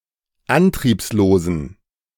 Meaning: inflection of antriebslos: 1. strong genitive masculine/neuter singular 2. weak/mixed genitive/dative all-gender singular 3. strong/weak/mixed accusative masculine singular 4. strong dative plural
- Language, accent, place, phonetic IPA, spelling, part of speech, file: German, Germany, Berlin, [ˈantʁiːpsloːzn̩], antriebslosen, adjective, De-antriebslosen.ogg